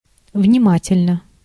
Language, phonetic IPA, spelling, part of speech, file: Russian, [vnʲɪˈmatʲɪlʲnə], внимательно, adverb / adjective, Ru-внимательно.ogg
- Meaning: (adverb) attentively, carefully; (adjective) short neuter singular of внима́тельный (vnimátelʹnyj, “attentive, close; careful”)